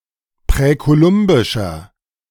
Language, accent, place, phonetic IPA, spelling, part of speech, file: German, Germany, Berlin, [pʁɛkoˈlʊmbɪʃɐ], präkolumbischer, adjective, De-präkolumbischer.ogg
- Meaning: inflection of präkolumbisch: 1. strong/mixed nominative masculine singular 2. strong genitive/dative feminine singular 3. strong genitive plural